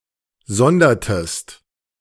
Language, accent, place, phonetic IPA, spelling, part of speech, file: German, Germany, Berlin, [ˈzɔndɐtəst], sondertest, verb, De-sondertest.ogg
- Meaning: inflection of sondern: 1. second-person singular preterite 2. second-person singular subjunctive II